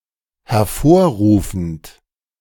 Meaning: present participle of hervorrufen
- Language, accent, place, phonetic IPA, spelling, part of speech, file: German, Germany, Berlin, [hɛɐ̯ˈfoːɐ̯ˌʁuːfənt], hervorrufend, verb, De-hervorrufend.ogg